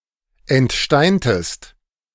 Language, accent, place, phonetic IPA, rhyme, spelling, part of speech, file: German, Germany, Berlin, [ɛntˈʃtaɪ̯ntəst], -aɪ̯ntəst, entsteintest, verb, De-entsteintest.ogg
- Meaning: inflection of entsteinen: 1. second-person singular preterite 2. second-person singular subjunctive II